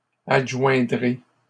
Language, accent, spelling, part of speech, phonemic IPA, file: French, Canada, adjoindrez, verb, /ad.ʒwɛ̃.dʁe/, LL-Q150 (fra)-adjoindrez.wav
- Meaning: second-person plural simple future of adjoindre